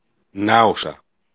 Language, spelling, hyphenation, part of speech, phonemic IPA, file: Greek, Νάουσα, Νά‧ου‧σα, proper noun, /ˈnausa/, El-Νάουσα.ogg
- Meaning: Naoussa (large town in Boeotia in Greece)